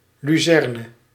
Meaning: alfalfa, lucerne, Medicago sativa
- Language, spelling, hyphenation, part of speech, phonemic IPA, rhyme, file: Dutch, luzerne, lu‧zer‧ne, noun, /ˌlyˈzɛr.nə/, -ɛrnə, Nl-luzerne.ogg